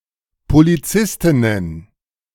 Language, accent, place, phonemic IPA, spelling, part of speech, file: German, Germany, Berlin, /poliˈt͡sɪstɪnən/, Polizistinnen, noun, De-Polizistinnen.ogg
- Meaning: plural of Polizistin